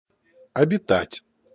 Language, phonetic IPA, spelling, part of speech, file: Russian, [ɐbʲɪˈtatʲ], обитать, verb, Ru-обитать.ogg
- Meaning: to dwell in, to live in, to inhabit